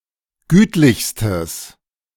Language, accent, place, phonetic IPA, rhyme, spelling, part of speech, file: German, Germany, Berlin, [ˈɡyːtlɪçstəs], -yːtlɪçstəs, gütlichstes, adjective, De-gütlichstes.ogg
- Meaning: strong/mixed nominative/accusative neuter singular superlative degree of gütlich